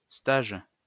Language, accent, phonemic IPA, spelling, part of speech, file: French, France, /staʒ/, stage, noun, LL-Q150 (fra)-stage.wav
- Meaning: 1. internship, job that a trainee is doing in a workplace until a fixed date 2. probation, induction